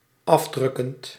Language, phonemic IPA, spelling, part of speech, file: Dutch, /ˈɑvˌdrʏkənt/, afdrukkend, verb, Nl-afdrukkend.ogg
- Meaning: present participle of afdrukken